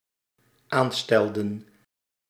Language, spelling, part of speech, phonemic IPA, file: Dutch, aanstelden, verb, /ˈanstɛldə(n)/, Nl-aanstelden.ogg
- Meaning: inflection of aanstellen: 1. plural dependent-clause past indicative 2. plural dependent-clause past subjunctive